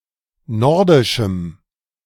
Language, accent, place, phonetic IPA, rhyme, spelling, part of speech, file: German, Germany, Berlin, [ˈnɔʁdɪʃm̩], -ɔʁdɪʃm̩, nordischem, adjective, De-nordischem.ogg
- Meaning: strong dative masculine/neuter singular of nordisch